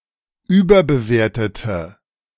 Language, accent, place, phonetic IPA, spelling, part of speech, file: German, Germany, Berlin, [ˈyːbɐbəˌveːɐ̯tətə], überbewertete, adjective / verb, De-überbewertete.ogg
- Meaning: inflection of überbewerten: 1. first/third-person singular preterite 2. first/third-person singular subjunctive II